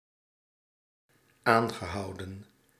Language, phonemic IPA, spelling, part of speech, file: Dutch, /ˈaŋɣəˌhɑudə(n)/, aangehouden, verb, Nl-aangehouden.ogg
- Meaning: past participle of aanhouden